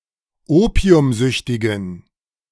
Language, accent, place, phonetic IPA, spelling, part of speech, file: German, Germany, Berlin, [ˈoːpi̯ʊmˌzʏçtɪɡn̩], opiumsüchtigen, adjective, De-opiumsüchtigen.ogg
- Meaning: inflection of opiumsüchtig: 1. strong genitive masculine/neuter singular 2. weak/mixed genitive/dative all-gender singular 3. strong/weak/mixed accusative masculine singular 4. strong dative plural